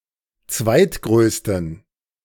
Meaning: inflection of zweitgrößter: 1. strong genitive masculine/neuter singular 2. weak/mixed genitive/dative all-gender singular 3. strong/weak/mixed accusative masculine singular 4. strong dative plural
- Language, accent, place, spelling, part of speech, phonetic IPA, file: German, Germany, Berlin, zweitgrößten, adjective, [ˈt͡svaɪ̯tˌɡʁøːstn̩], De-zweitgrößten.ogg